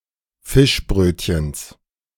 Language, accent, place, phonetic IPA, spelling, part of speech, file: German, Germany, Berlin, [ˈfɪʃˌbʁøːtçəns], Fischbrötchens, noun, De-Fischbrötchens.ogg
- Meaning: genitive singular of Fischbrötchen